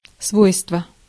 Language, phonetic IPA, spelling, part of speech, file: Russian, [ˈsvojstvə], свойство, noun, Ru-свойство.ogg
- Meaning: 1. property, virtue, quality (attribute or abstract quality associated with an object) 2. kind 3. characteristics